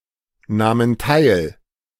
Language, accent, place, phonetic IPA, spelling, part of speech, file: German, Germany, Berlin, [ˌnaːmən ˈtaɪ̯l], nahmen teil, verb, De-nahmen teil.ogg
- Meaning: first/third-person plural preterite of teilnehmen